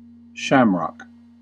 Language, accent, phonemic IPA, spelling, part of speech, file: English, US, /ˈʃæm.ɹɑk/, shamrock, noun, En-us-shamrock.ogg
- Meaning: The trefoil leaf of any small clover, especially Trifolium repens, or such a leaf from a clover-like plant, commonly used as a symbol of Ireland